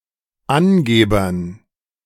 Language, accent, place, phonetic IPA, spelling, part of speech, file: German, Germany, Berlin, [ˈanˌɡeːbɐn], Angebern, noun, De-Angebern.ogg
- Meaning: dative plural of Angeber